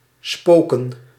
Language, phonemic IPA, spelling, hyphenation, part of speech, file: Dutch, /ˈspoː.kə(n)/, spoken, spo‧ken, verb / noun, Nl-spoken.ogg
- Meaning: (verb) 1. to haunt 2. to be stormy and wild; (noun) plural of spook